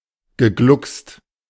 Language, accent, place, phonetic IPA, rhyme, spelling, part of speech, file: German, Germany, Berlin, [ɡəˈɡlʊkst], -ʊkst, gegluckst, verb, De-gegluckst.ogg
- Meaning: past participle of glucksen